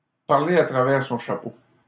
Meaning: to talk through one's hat
- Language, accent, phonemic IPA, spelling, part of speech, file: French, Canada, /paʁ.le a tʁa.vɛʁ sɔ̃ ʃa.po/, parler à travers son chapeau, verb, LL-Q150 (fra)-parler à travers son chapeau.wav